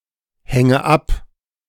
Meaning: inflection of abhängen: 1. first-person singular present 2. first/third-person singular subjunctive I 3. singular imperative
- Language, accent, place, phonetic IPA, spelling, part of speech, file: German, Germany, Berlin, [ˌhɛŋə ˈap], hänge ab, verb, De-hänge ab.ogg